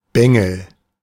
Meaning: 1. a club wielded as a weapon 2. a young rascal 3. a knave, a boy
- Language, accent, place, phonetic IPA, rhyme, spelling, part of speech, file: German, Germany, Berlin, [ˈbɛŋl̩], -ɛŋl̩, Bengel, noun, De-Bengel.ogg